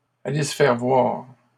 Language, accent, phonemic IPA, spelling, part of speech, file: French, Canada, /a.le s(ə) fɛʁ vwaʁ/, aller se faire voir, verb, LL-Q150 (fra)-aller se faire voir.wav
- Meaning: to get lost, go to hell